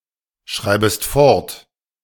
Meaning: second-person singular subjunctive I of fortschreiben
- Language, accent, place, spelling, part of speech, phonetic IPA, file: German, Germany, Berlin, schreibest fort, verb, [ˌʃʁaɪ̯bəst ˈfɔʁt], De-schreibest fort.ogg